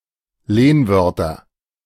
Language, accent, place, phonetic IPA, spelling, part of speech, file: German, Germany, Berlin, [ˈleːnˌvœʁtɐ], Lehnwörter, noun, De-Lehnwörter.ogg
- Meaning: nominative/accusative/genitive plural of Lehnwort